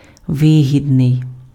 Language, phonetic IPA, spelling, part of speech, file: Ukrainian, [ˈʋɪɦʲidnei̯], вигідний, adjective, Uk-вигідний.ogg
- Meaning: 1. advantageous, beneficial 2. profitable, gainful, lucrative, remunerative